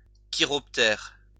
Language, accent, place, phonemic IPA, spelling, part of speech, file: French, France, Lyon, /ki.ʁɔp.tɛʁ/, chiroptère, noun, LL-Q150 (fra)-chiroptère.wav
- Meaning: bat (animal of the order Chiroptera)